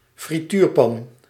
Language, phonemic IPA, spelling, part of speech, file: Dutch, /friˈtyːrpɑn/, frituurpan, noun, Nl-frituurpan.ogg
- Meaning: deep fryer, chip pan